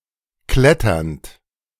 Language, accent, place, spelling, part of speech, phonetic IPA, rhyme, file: German, Germany, Berlin, kletternd, verb, [ˈklɛtɐnt], -ɛtɐnt, De-kletternd.ogg
- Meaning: present participle of klettern